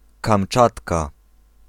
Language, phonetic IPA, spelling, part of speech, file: Polish, [kãmˈt͡ʃatka], Kamczatka, proper noun, Pl-Kamczatka.ogg